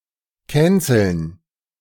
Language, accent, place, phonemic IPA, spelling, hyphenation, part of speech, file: German, Germany, Berlin, /ˈkɛ(ː)nsəln/, canceln, can‧celn, verb, De-canceln.ogg
- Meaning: 1. to cancel, annul 2. to cancel, boycot (cause moral panic to make someone lose financial and social support)